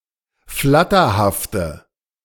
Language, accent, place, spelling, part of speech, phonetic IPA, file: German, Germany, Berlin, flatterhafte, adjective, [ˈflatɐhaftə], De-flatterhafte.ogg
- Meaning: inflection of flatterhaft: 1. strong/mixed nominative/accusative feminine singular 2. strong nominative/accusative plural 3. weak nominative all-gender singular